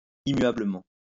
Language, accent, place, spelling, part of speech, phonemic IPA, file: French, France, Lyon, immuablement, adverb, /i.mɥa.blə.mɑ̃/, LL-Q150 (fra)-immuablement.wav
- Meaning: immutably